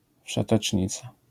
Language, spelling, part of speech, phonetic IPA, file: Polish, wszetecznica, noun, [ˌfʃɛtɛt͡ʃʲˈɲit͡sa], LL-Q809 (pol)-wszetecznica.wav